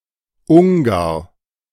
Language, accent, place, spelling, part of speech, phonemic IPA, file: German, Germany, Berlin, Ungar, noun, /ˈʊŋɡar/, De-Ungar.ogg
- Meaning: Hungarian (person)